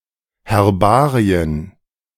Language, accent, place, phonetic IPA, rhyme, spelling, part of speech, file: German, Germany, Berlin, [hɛʁˈbaːʁiən], -aːʁiən, Herbarien, noun, De-Herbarien.ogg
- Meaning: plural of Herbarium